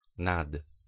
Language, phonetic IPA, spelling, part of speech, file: Polish, [nat], nad, preposition, Pl-nad.ogg